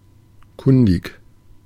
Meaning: knowledgeable
- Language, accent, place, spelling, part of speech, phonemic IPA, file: German, Germany, Berlin, kundig, adjective, /ˈkʊndɪk/, De-kundig.ogg